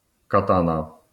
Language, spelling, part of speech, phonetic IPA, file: Polish, katana, noun, [kaˈtãna], LL-Q809 (pol)-katana.wav